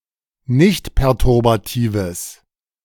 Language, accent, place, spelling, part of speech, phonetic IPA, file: German, Germany, Berlin, nichtperturbatives, adjective, [ˈnɪçtpɛʁtʊʁbaˌtiːvəs], De-nichtperturbatives.ogg
- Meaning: strong/mixed nominative/accusative neuter singular of nichtperturbativ